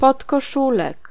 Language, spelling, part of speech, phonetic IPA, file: Polish, podkoszulek, noun, [ˌpɔtkɔˈʃulɛk], Pl-podkoszulek.ogg